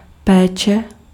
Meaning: care (looking after people)
- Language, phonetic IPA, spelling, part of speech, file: Czech, [ˈpɛːt͡ʃɛ], péče, noun, Cs-péče.ogg